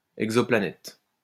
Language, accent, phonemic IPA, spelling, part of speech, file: French, France, /ɛɡ.zɔ.pla.nɛt/, exoplanète, noun, LL-Q150 (fra)-exoplanète.wav
- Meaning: exoplanet (planet outside Earth's solar system)